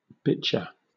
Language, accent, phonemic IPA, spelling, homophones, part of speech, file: English, Southern England, /ˈbɪtʃə/, bichir, bitcher / biker, noun, LL-Q1860 (eng)-bichir.wav
- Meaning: Any ray-finned fish of the genus Polypterus in the family Polypteridae, having elongated bodies covered in thick, bone-like, ganoid scales